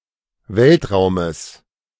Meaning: genitive of Weltraum
- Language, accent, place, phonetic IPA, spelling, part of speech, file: German, Germany, Berlin, [ˈvɛltˌʁaʊ̯məs], Weltraumes, noun, De-Weltraumes.ogg